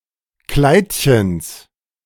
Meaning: genitive singular of Kleidchen
- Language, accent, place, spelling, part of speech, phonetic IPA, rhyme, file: German, Germany, Berlin, Kleidchens, noun, [ˈklaɪ̯tçəns], -aɪ̯tçəns, De-Kleidchens.ogg